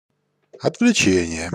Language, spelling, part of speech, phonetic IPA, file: Russian, отвлечение, noun, [ɐtvlʲɪˈt͡ɕenʲɪje], Ru-Отвлечение.ogg
- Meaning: 1. distraction 2. abstraction